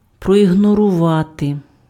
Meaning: to ignore, to disregard (deliberately pay no attention to)
- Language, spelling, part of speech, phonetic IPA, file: Ukrainian, проігнорувати, verb, [prɔiɦnɔrʊˈʋate], Uk-проігнорувати.ogg